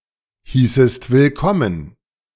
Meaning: second-person singular subjunctive II of willkommen heißen
- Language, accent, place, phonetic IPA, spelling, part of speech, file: German, Germany, Berlin, [ˌhiːsəst vɪlˈkɔmən], hießest willkommen, verb, De-hießest willkommen.ogg